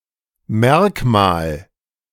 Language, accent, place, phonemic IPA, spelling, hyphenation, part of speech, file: German, Germany, Berlin, /ˈmɛʁkmaːl/, Merkmal, Merk‧mal, noun, De-Merkmal.ogg
- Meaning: feature, characteristic, attribute (important or main item)